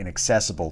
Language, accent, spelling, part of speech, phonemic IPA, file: English, US, inaccessible, adjective / noun, /ˌɪnəkˈsɛsɪbl̩/, En-us-inaccessible.ogg
- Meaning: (adjective) 1. Not able to be accessed; out of reach; inconvenient 2. Not able to be reached; unattainable; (noun) An uncountable regular cardinal number that is a limit cardinal